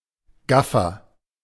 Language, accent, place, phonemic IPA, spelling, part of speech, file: German, Germany, Berlin, /ˈɡafɐ/, Gaffer, noun, De-Gaffer.ogg
- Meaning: 1. agent noun of gaffen 2. agent noun of gaffen: rubberneck, gawker, onlooker (undesired spectator of a scene of crime or accident)